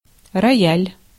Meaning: grand piano
- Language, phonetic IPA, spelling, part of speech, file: Russian, [rɐˈjælʲ], рояль, noun, Ru-рояль.ogg